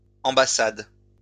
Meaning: plural of ambassade
- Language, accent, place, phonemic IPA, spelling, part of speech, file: French, France, Lyon, /ɑ̃.ba.sad/, ambassades, noun, LL-Q150 (fra)-ambassades.wav